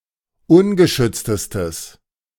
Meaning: strong/mixed nominative/accusative neuter singular superlative degree of ungeschützt
- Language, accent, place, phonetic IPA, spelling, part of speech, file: German, Germany, Berlin, [ˈʊnɡəˌʃʏt͡stəstəs], ungeschütztestes, adjective, De-ungeschütztestes.ogg